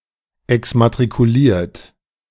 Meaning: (verb) past participle of exmatrikulieren; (adjective) deregistered, unenrolled, removed from a school's register of students (due to graduation, withdrawal, expulsion, etc)
- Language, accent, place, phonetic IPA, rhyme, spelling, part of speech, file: German, Germany, Berlin, [ɛksmatʁikuˈliːɐ̯t], -iːɐ̯t, exmatrikuliert, verb, De-exmatrikuliert.ogg